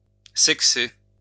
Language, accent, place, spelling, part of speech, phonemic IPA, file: French, France, Lyon, sexer, verb, /sɛk.se/, LL-Q150 (fra)-sexer.wav
- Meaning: 1. to sex (chickens etc) 2. to engage in sexual activity